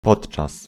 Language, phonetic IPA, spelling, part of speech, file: Polish, [ˈpɔṭt͡ʃas], podczas, preposition / adverb, Pl-podczas.ogg